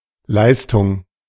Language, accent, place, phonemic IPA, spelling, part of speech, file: German, Germany, Berlin, /ˈlaɪ̯stʊŋ/, Leistung, noun, De-Leistung.ogg
- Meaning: 1. performance, accomplishment, achievement 2. service 3. contractual performance 4. power